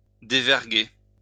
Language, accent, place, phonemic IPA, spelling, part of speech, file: French, France, Lyon, /de.vɛʁ.ɡe/, déverguer, verb, LL-Q150 (fra)-déverguer.wav
- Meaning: to unbend the sails from the yards